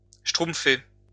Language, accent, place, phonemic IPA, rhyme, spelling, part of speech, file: French, France, Lyon, /ʃtʁum.fe/, -e, schtroumpfer, verb, LL-Q150 (fra)-schtroumpfer.wav
- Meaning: to smurf (used to replace any other verb)